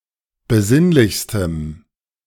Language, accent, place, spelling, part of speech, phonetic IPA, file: German, Germany, Berlin, besinnlichstem, adjective, [bəˈzɪnlɪçstəm], De-besinnlichstem.ogg
- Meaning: strong dative masculine/neuter singular superlative degree of besinnlich